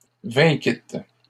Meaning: second-person plural past historic of vaincre
- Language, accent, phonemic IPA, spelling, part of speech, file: French, Canada, /vɛ̃.kit/, vainquîtes, verb, LL-Q150 (fra)-vainquîtes.wav